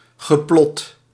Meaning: past participle of plotten
- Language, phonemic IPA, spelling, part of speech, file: Dutch, /ɣəˈplɔt/, geplot, verb, Nl-geplot.ogg